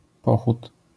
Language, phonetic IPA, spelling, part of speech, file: Polish, [ˈpɔxut], pochód, noun, LL-Q809 (pol)-pochód.wav